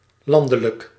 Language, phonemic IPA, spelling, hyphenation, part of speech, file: Dutch, /ˈlɑndələk/, landelijk, lan‧de‧lijk, adjective, Nl-landelijk.ogg
- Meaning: 1. national 2. rural